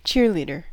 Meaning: A person, usually a young, attractive female, who encourages applause and cheers at a sports event, and wearing a specially-designed uniform in the official colors of the team he/she cheers for
- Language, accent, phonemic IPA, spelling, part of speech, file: English, US, /ˈtʃɪə(ɹ)ˌliːdə(ɹ)/, cheerleader, noun, En-us-cheerleader.ogg